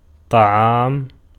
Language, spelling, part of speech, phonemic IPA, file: Arabic, طعام, noun, /tˤa.ʕaːm/, Ar-طعام.ogg
- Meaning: 1. food 2. food: prepared meal 3. feeding 4. wheat 5. grain, cereal